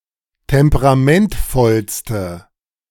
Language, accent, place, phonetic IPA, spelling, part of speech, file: German, Germany, Berlin, [ˌtɛmpəʁaˈmɛntfɔlstə], temperamentvollste, adjective, De-temperamentvollste.ogg
- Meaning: inflection of temperamentvoll: 1. strong/mixed nominative/accusative feminine singular superlative degree 2. strong nominative/accusative plural superlative degree